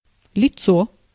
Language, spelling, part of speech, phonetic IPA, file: Russian, лицо, noun, [lʲɪˈt͡so], Ru-лицо.ogg
- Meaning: 1. face 2. countenance 3. front 4. person, individual, individuality 5. person